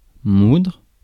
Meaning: to grind
- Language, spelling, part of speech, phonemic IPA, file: French, moudre, verb, /mudʁ/, Fr-moudre.ogg